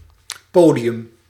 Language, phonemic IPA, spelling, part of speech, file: Dutch, /ˈpoː.di.(j)ʏm/, podium, noun, Nl-podium.ogg
- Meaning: 1. stage 2. podium